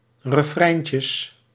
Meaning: plural of refreintje
- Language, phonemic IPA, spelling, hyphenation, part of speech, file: Dutch, /rəˈfrɛi̯n.tjəs/, refreintjes, re‧frein‧tjes, noun, Nl-refreintjes.ogg